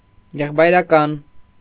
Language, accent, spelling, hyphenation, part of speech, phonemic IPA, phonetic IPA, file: Armenian, Eastern Armenian, եղբայրական, եղ‧բայ‧րա‧կան, adjective, /jeχpɑjɾɑˈkɑn/, [jeχpɑjɾɑkɑ́n], Hy-եղբայրական.ogg
- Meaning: brotherly, fraternal